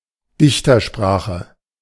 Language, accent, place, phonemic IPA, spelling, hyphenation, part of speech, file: German, Germany, Berlin, /ˈdɪçtɐˌʃpʁaːxə/, Dichtersprache, Dich‧ter‧spra‧che, noun, De-Dichtersprache.ogg
- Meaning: poetic language, poetic diction